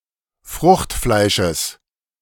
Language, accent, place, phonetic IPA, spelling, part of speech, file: German, Germany, Berlin, [ˈfʁʊxtˌflaɪ̯ʃəs], Fruchtfleisches, noun, De-Fruchtfleisches.ogg
- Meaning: genitive singular of Fruchtfleisch